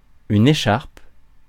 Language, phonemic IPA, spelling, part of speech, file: French, /e.ʃaʁp/, écharpe, noun / verb, Fr-écharpe.ogg
- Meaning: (noun) 1. scarf 2. sash 3. sling (hanging bandage); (verb) inflection of écharper: 1. first/third-person singular present indicative/subjunctive 2. second-person singular imperative